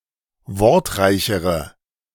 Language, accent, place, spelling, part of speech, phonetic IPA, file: German, Germany, Berlin, wortreichere, adjective, [ˈvɔʁtˌʁaɪ̯çəʁə], De-wortreichere.ogg
- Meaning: inflection of wortreich: 1. strong/mixed nominative/accusative feminine singular comparative degree 2. strong nominative/accusative plural comparative degree